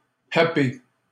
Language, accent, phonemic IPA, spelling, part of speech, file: French, Canada, /a.pe/, happé, verb, LL-Q150 (fra)-happé.wav
- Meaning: past participle of happer